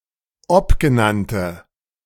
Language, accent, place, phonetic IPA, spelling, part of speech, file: German, Germany, Berlin, [ˈɔpɡəˌnantə], obgenannte, adjective, De-obgenannte.ogg
- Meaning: inflection of obgenannt: 1. strong/mixed nominative/accusative feminine singular 2. strong nominative/accusative plural 3. weak nominative all-gender singular